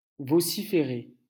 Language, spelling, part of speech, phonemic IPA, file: French, vociférer, verb, /vɔ.si.fe.ʁe/, LL-Q150 (fra)-vociférer.wav
- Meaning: to shout, scream, vociferate